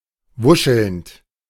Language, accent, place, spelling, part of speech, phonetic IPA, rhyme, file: German, Germany, Berlin, wuschelnd, verb, [ˈvʊʃl̩nt], -ʊʃl̩nt, De-wuschelnd.ogg
- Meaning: present participle of wuscheln